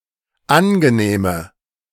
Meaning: inflection of angenehm: 1. strong/mixed nominative/accusative feminine singular 2. strong nominative/accusative plural 3. weak nominative all-gender singular
- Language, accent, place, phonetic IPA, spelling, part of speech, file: German, Germany, Berlin, [ˈanɡəˌneːmə], angenehme, adjective, De-angenehme.ogg